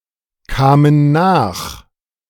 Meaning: first/third-person plural preterite of nachkommen
- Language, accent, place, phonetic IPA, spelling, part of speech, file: German, Germany, Berlin, [ˌkaːmən ˈnaːx], kamen nach, verb, De-kamen nach.ogg